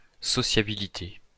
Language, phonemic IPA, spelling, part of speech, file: French, /sɔ.sja.bi.li.te/, sociabilité, noun, LL-Q150 (fra)-sociabilité.wav
- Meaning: sociability (the skill, tendency or property of being sociable or social)